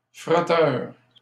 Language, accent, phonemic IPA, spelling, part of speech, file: French, Canada, /fʁɔ.tœʁ/, frotteur, noun, LL-Q150 (fra)-frotteur.wav
- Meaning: 1. rubber, polisher (of floors, etc.) 2. frotteur (one who commits the act of non-consensually rubbing one’s genitalia against another person, usually a stranger)